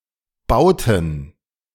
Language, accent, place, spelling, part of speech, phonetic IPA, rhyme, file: German, Germany, Berlin, bauten, verb, [ˈbaʊ̯tn̩], -aʊ̯tn̩, De-bauten.ogg
- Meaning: inflection of bauen: 1. first/third-person plural preterite 2. first/third-person plural subjunctive II